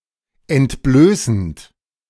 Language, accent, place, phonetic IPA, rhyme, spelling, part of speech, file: German, Germany, Berlin, [ɛntˈbløːsn̩t], -øːsn̩t, entblößend, verb, De-entblößend.ogg
- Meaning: present participle of entblößen